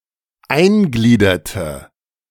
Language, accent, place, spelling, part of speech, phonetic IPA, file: German, Germany, Berlin, eingliederte, verb, [ˈaɪ̯nˌɡliːdɐtə], De-eingliederte.ogg
- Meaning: inflection of eingliedern: 1. first/third-person singular preterite 2. first/third-person singular subjunctive II